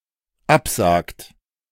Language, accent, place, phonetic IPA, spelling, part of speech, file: German, Germany, Berlin, [ˈapˌzaːkt], absagt, verb, De-absagt.ogg
- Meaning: inflection of absagen: 1. third-person singular dependent present 2. second-person plural dependent present